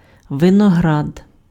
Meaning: 1. vine 2. grapes
- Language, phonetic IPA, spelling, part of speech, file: Ukrainian, [ʋenɔˈɦrad], виноград, noun, Uk-виноград.ogg